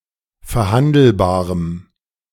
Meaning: strong dative masculine/neuter singular of verhandelbar
- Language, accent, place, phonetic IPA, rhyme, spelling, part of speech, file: German, Germany, Berlin, [fɛɐ̯ˈhandl̩baːʁəm], -andl̩baːʁəm, verhandelbarem, adjective, De-verhandelbarem.ogg